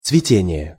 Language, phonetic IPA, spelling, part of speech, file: Russian, [t͡svʲɪˈtʲenʲɪje], цветение, noun, Ru-цветение.ogg
- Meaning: blossom, blossoming, blooming, flowering